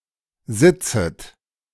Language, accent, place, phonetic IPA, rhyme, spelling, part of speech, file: German, Germany, Berlin, [ˈzɪt͡sət], -ɪt͡sət, sitzet, verb, De-sitzet.ogg
- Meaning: second-person plural subjunctive I of sitzen